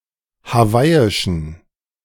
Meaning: inflection of hawaiisch: 1. strong genitive masculine/neuter singular 2. weak/mixed genitive/dative all-gender singular 3. strong/weak/mixed accusative masculine singular 4. strong dative plural
- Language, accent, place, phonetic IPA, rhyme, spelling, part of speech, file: German, Germany, Berlin, [haˈvaɪ̯ɪʃn̩], -aɪ̯ɪʃn̩, hawaiischen, adjective, De-hawaiischen.ogg